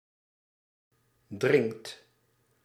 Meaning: inflection of drinken: 1. second/third-person singular present indicative 2. plural imperative
- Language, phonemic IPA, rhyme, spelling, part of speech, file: Dutch, /drɪŋkt/, -ɪŋkt, drinkt, verb, Nl-drinkt.ogg